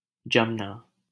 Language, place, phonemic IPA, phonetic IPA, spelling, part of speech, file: Hindi, Delhi, /d͡ʒəm.nɑː/, [d͡ʒɐ̃m.näː], जमना, verb, LL-Q1568 (hin)-जमना.wav
- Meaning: 1. to solidify, freeze 2. to become firm, stuck 3. to dry (of a liquid, e.g. glue) 4. to clot (of blood) 5. to become established, well-known (as of a business or family)